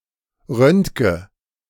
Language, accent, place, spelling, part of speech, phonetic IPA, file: German, Germany, Berlin, röntge, verb, [ˈʁœntɡə], De-röntge.ogg
- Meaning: inflection of röntgen: 1. first-person singular present 2. first/third-person singular subjunctive I 3. singular imperative